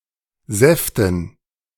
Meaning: dative plural of Saft
- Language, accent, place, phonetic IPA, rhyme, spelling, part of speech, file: German, Germany, Berlin, [ˈzɛftn̩], -ɛftn̩, Säften, noun, De-Säften.ogg